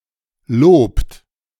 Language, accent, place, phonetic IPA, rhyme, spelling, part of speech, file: German, Germany, Berlin, [loːpt], -oːpt, lobt, verb, De-lobt.ogg
- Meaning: inflection of loben: 1. third-person singular present 2. second-person plural present 3. plural imperative